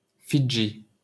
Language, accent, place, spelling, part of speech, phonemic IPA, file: French, France, Paris, Fidji, proper noun, /fi.dʒi/, LL-Q150 (fra)-Fidji.wav
- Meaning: Fiji (a country and archipelago of over 300 islands in Melanesia in Oceania)